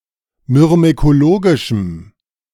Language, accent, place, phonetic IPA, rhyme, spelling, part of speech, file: German, Germany, Berlin, [mʏʁmekoˈloːɡɪʃm̩], -oːɡɪʃm̩, myrmekologischem, adjective, De-myrmekologischem.ogg
- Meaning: strong dative masculine/neuter singular of myrmekologisch